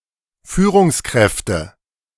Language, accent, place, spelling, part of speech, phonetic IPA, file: German, Germany, Berlin, Führungskräfte, noun, [ˈfyːʁʊŋsˌkʁɛftə], De-Führungskräfte.ogg
- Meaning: nominative/accusative/genitive plural of Führungskraft